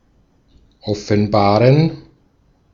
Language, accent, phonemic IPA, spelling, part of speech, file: German, Austria, /ˌɔfənˈbaːʁən/, offenbaren, verb, De-at-offenbaren.ogg
- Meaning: 1. to reveal, to disclose 2. to become evident 3. to reveal oneself